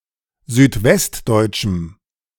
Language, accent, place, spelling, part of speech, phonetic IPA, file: German, Germany, Berlin, südwestdeutschem, adjective, [zyːtˈvɛstˌdɔɪ̯t͡ʃm̩], De-südwestdeutschem.ogg
- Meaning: strong dative masculine/neuter singular of südwestdeutsch